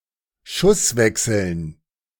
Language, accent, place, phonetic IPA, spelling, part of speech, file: German, Germany, Berlin, [ˈʃʊsˌvɛksl̩n], Schusswechseln, noun, De-Schusswechseln.ogg
- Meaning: dative plural of Schusswechsel